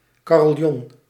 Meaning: carillon
- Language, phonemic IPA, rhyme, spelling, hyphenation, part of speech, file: Dutch, /ˌkaː.rɪlˈjɔn/, -ɔn, carillon, ca‧ril‧lon, noun, Nl-carillon.ogg